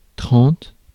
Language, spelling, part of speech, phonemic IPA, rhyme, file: French, trente, numeral, /tʁɑ̃t/, -ɑ̃t, Fr-trente.ogg
- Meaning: thirty